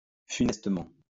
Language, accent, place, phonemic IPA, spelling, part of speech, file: French, France, Lyon, /fy.nɛs.tə.mɑ̃/, funestement, adverb, LL-Q150 (fra)-funestement.wav
- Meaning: 1. disastrously 2. fatally